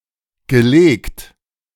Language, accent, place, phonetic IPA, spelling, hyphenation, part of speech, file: German, Germany, Berlin, [ɡəˈleːkt], gelegt, ge‧legt, verb, De-gelegt.ogg
- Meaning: past participle of legen